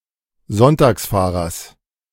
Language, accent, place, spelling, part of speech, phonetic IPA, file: German, Germany, Berlin, Sonntagsfahrers, noun, [ˈzɔntaːksˌfaːʁɐs], De-Sonntagsfahrers.ogg
- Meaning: genitive singular of Sonntagsfahrer